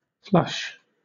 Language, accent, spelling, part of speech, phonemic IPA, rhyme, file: English, Southern England, flush, noun / verb / adjective / adverb, /ˈflʌʃ/, -ʌʃ, LL-Q1860 (eng)-flush.wav
- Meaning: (noun) A group of birds that have suddenly started up from undergrowth, trees, etc; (verb) 1. To cause to take flight from concealment 2. To take suddenly to flight, especially from cover